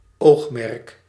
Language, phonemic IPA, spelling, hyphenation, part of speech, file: Dutch, /ˈoːx.mɛrk/, oogmerk, oog‧merk, noun, Nl-oogmerk.ogg
- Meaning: aim, goal, focus